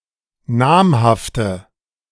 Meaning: inflection of namhaft: 1. strong/mixed nominative/accusative feminine singular 2. strong nominative/accusative plural 3. weak nominative all-gender singular 4. weak accusative feminine/neuter singular
- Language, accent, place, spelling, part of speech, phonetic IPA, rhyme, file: German, Germany, Berlin, namhafte, adjective, [ˈnaːmhaftə], -aːmhaftə, De-namhafte.ogg